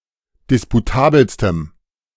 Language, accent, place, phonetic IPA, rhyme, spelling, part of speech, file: German, Germany, Berlin, [ˌdɪspuˈtaːbl̩stəm], -aːbl̩stəm, disputabelstem, adjective, De-disputabelstem.ogg
- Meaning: strong dative masculine/neuter singular superlative degree of disputabel